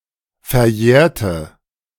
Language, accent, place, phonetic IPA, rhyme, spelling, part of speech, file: German, Germany, Berlin, [fɛɐ̯ˈjɛːɐ̯tə], -ɛːɐ̯tə, verjährte, adjective / verb, De-verjährte.ogg
- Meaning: inflection of verjähren: 1. first/third-person singular preterite 2. first/third-person singular subjunctive II